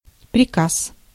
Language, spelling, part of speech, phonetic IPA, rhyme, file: Russian, приказ, noun, [prʲɪˈkas], -as, Ru-приказ.ogg
- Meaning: 1. order (oral), command, orders (written) 2. board, department, office, chancellery